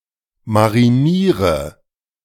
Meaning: inflection of marinieren: 1. first-person singular present 2. singular imperative 3. first/third-person singular subjunctive I
- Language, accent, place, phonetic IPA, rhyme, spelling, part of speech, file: German, Germany, Berlin, [maʁiˈniːʁə], -iːʁə, mariniere, verb, De-mariniere.ogg